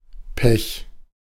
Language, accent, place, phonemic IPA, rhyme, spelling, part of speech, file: German, Germany, Berlin, /pɛç/, -ɛç, Pech, noun, De-Pech.ogg
- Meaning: 1. pitch (sticky substance) 2. bad luck, misfortune